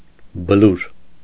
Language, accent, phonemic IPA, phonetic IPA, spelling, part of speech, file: Armenian, Eastern Armenian, /bəˈluɾ/, [bəlúɾ], բլուր, noun, Hy-բլուր.ogg
- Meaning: hill